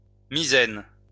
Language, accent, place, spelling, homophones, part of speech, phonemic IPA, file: French, France, Lyon, misaine, Misène, noun, /mi.zɛn/, LL-Q150 (fra)-misaine.wav
- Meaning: 1. fore 2. foresail